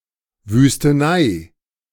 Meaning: wasteland
- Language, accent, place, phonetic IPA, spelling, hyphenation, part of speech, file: German, Germany, Berlin, [vyːstəˈnaɪ̯], Wüstenei, Wüs‧te‧nei, noun, De-Wüstenei.ogg